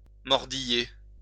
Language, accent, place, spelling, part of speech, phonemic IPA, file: French, France, Lyon, mordiller, verb, /mɔʁ.di.je/, LL-Q150 (fra)-mordiller.wav
- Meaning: to chew (to crush food with teeth prior to swallowing)